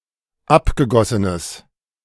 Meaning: strong/mixed nominative/accusative neuter singular of abgegossen
- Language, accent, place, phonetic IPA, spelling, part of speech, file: German, Germany, Berlin, [ˈapɡəˌɡɔsənəs], abgegossenes, adjective, De-abgegossenes.ogg